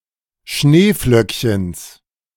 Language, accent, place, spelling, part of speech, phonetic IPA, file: German, Germany, Berlin, Schneeflöckchens, noun, [ˈʃneːˌflœkçəns], De-Schneeflöckchens.ogg
- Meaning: genitive singular of Schneeflöckchen